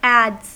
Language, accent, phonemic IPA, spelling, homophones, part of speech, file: English, US, /æ(d)z/, adds, ads / adze, noun / verb, En-us-adds.ogg
- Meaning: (noun) plural of add; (verb) third-person singular simple present indicative of add